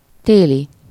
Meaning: winterly, winter
- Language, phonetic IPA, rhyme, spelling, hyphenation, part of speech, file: Hungarian, [ˈteːli], -li, téli, té‧li, adjective, Hu-téli.ogg